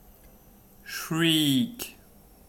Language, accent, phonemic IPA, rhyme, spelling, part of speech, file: English, US, /ʃɹiːk/, -iːk, shriek, noun / verb, En-us-shriek.ogg
- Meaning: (noun) 1. A sharp, shrill outcry or scream; a shrill wild cry caused by sudden or extreme terror, pain, or the like 2. An exclamation mark